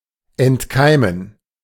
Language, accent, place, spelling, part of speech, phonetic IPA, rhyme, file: German, Germany, Berlin, entkeimen, verb, [ɛntˈkaɪ̯mən], -aɪ̯mən, De-entkeimen.ogg
- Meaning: to disinfect